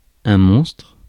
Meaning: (noun) 1. monster 2. hideous person, fiend; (adjective) enormous
- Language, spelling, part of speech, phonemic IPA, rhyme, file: French, monstre, noun / adjective, /mɔ̃stʁ/, -ɔ̃stʁ, Fr-monstre.ogg